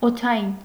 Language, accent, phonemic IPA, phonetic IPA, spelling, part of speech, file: Armenian, Eastern Armenian, /otʰɑˈjin/, [otʰɑjín], օդային, adjective, Hy-օդային.ogg
- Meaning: air (attributive); aerial